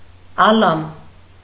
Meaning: world; universe
- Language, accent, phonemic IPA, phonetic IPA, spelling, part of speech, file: Armenian, Eastern Armenian, /ɑˈlɑm/, [ɑlɑ́m], ալամ, noun, Hy-ալամ.ogg